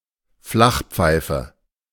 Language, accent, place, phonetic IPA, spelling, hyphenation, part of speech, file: German, Germany, Berlin, [ˈflaxˌ(p)faɪ̯fə], Flachpfeife, Flach‧pfei‧fe, noun, De-Flachpfeife.ogg
- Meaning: 1. an idiot, moron 2. a vapid windbag, someone who talks about things he does not understand